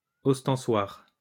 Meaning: monstrance, ostensory (ornamental in which the sacramental bread is placed for veneration)
- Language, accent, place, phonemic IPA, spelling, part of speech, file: French, France, Lyon, /ɔs.tɑ̃.swaʁ/, ostensoir, noun, LL-Q150 (fra)-ostensoir.wav